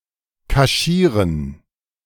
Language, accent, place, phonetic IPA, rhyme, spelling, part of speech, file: German, Germany, Berlin, [kaˈʃiːʁən], -iːʁən, kaschieren, verb, De-kaschieren.ogg
- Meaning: to cover up